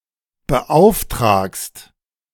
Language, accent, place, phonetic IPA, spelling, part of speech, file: German, Germany, Berlin, [bəˈʔaʊ̯fˌtʁaːkst], beauftragst, verb, De-beauftragst.ogg
- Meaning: second-person singular present of beauftragen